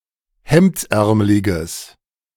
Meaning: strong/mixed nominative/accusative neuter singular of hemdsärmelig
- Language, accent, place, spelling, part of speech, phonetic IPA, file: German, Germany, Berlin, hemdsärmeliges, adjective, [ˈhɛmt͡sˌʔɛʁməlɪɡəs], De-hemdsärmeliges.ogg